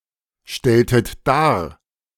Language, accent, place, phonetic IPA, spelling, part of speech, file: German, Germany, Berlin, [ˌʃtɛltət ˈdaːɐ̯], stelltet dar, verb, De-stelltet dar.ogg
- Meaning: inflection of darstellen: 1. second-person plural preterite 2. second-person plural subjunctive II